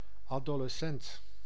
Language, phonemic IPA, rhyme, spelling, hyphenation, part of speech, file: Dutch, /ˌaː.doː.ləˈsɛnt/, -ɛnt, adolescent, ado‧les‧cent, noun, Nl-adolescent.ogg
- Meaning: adolescent